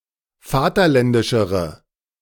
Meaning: inflection of vaterländisch: 1. strong/mixed nominative/accusative feminine singular comparative degree 2. strong nominative/accusative plural comparative degree
- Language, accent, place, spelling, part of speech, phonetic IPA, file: German, Germany, Berlin, vaterländischere, adjective, [ˈfaːtɐˌlɛndɪʃəʁə], De-vaterländischere.ogg